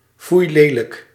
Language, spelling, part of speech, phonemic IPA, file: Dutch, foeilelijk, adjective, /ˈfujlelək/, Nl-foeilelijk.ogg
- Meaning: shamefully ugly, extremely ugly